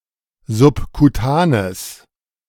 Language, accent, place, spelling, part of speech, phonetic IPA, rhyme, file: German, Germany, Berlin, subkutanes, adjective, [zʊpkuˈtaːnəs], -aːnəs, De-subkutanes.ogg
- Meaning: strong/mixed nominative/accusative neuter singular of subkutan